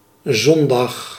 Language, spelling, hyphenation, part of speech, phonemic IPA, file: Dutch, zondag, zon‧dag, noun / adverb, /ˈzɔnˌdɑx/, Nl-zondag.ogg
- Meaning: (noun) Sunday; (adverb) on Sunday